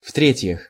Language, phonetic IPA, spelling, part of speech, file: Russian, [ˈf‿trʲetʲjɪx], в-третьих, adverb, Ru-в-третьих.ogg
- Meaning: thirdly